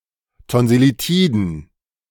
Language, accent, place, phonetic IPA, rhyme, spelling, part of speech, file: German, Germany, Berlin, [tɔnzɪliˈtiːdn̩], -iːdn̩, Tonsillitiden, noun, De-Tonsillitiden.ogg
- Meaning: plural of Tonsillitis